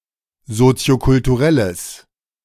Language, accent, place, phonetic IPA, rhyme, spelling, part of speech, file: German, Germany, Berlin, [ˌzot͡si̯okʊltuˈʁɛləs], -ɛləs, soziokulturelles, adjective, De-soziokulturelles.ogg
- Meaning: strong/mixed nominative/accusative neuter singular of soziokulturell